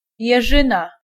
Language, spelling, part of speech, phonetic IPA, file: Polish, jeżyna, noun, [jɛˈʒɨ̃na], Pl-jeżyna.ogg